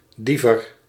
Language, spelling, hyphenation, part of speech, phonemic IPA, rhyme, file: Dutch, Diever, Die‧ver, proper noun, /ˈdi.vər/, -ivər, Nl-Diever.ogg
- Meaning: a village and former municipality of Westerveld, Drenthe, Netherlands